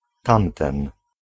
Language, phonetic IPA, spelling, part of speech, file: Polish, [ˈtãmtɛ̃n], tamten, pronoun, Pl-tamten.ogg